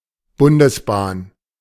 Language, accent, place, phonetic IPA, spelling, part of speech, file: German, Germany, Berlin, [ˈbʊndəsˌbaːn], Bundesbahn, noun, De-Bundesbahn.ogg
- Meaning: federal / state railway